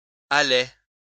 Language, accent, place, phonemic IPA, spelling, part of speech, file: French, France, Lyon, /a.lɛ/, allaient, verb, LL-Q150 (fra)-allaient.wav
- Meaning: third-person plural imperfect indicative of aller